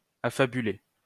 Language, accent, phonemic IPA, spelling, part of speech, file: French, France, /a.fa.by.le/, affabuler, verb, LL-Q150 (fra)-affabuler.wav
- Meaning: to make up stories, to tell a fable